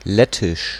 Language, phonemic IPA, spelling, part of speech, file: German, /ˈlɛtɪʃ/, Lettisch, proper noun, De-Lettisch.ogg
- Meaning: Latvian (language)